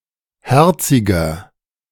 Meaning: 1. comparative degree of herzig 2. inflection of herzig: strong/mixed nominative masculine singular 3. inflection of herzig: strong genitive/dative feminine singular
- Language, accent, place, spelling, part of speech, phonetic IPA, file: German, Germany, Berlin, herziger, adjective, [ˈhɛʁt͡sɪɡɐ], De-herziger.ogg